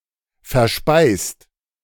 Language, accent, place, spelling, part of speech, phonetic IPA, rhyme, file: German, Germany, Berlin, verspeist, verb, [fɛɐ̯ˈʃpaɪ̯st], -aɪ̯st, De-verspeist.ogg
- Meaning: 1. past participle of verspeisen 2. inflection of verspeisen: second-person singular/plural present 3. inflection of verspeisen: third-person singular present